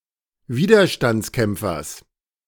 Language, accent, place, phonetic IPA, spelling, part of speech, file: German, Germany, Berlin, [ˈviːdɐʃtant͡sˌkɛmp͡fɐs], Widerstandskämpfers, noun, De-Widerstandskämpfers.ogg
- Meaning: genitive singular of Widerstandskämpfer